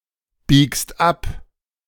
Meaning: second-person singular present of abbiegen
- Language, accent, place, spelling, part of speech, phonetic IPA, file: German, Germany, Berlin, biegst ab, verb, [ˌbiːkst ˈap], De-biegst ab.ogg